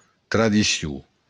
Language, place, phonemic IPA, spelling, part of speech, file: Occitan, Béarn, /tɾaðiˈsju/, tradicion, noun, LL-Q14185 (oci)-tradicion.wav
- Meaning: tradition